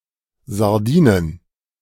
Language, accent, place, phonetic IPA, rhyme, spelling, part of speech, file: German, Germany, Berlin, [zaʁˈdiːnən], -iːnən, Sardinen, noun, De-Sardinen.ogg
- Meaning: plural of Sardine